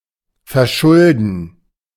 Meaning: 1. to be to blame for, to cause (an accident, etc.) 2. to get into debt
- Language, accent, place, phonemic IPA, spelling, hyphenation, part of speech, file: German, Germany, Berlin, /fɛɐ̯ˈʃʊldn̩/, verschulden, ver‧schul‧den, verb, De-verschulden.ogg